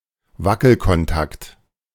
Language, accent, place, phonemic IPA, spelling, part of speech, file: German, Germany, Berlin, /ˈvakl̩kɔnˌtakt/, Wackelkontakt, noun, De-Wackelkontakt.ogg
- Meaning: loose connection (in an electric circuit)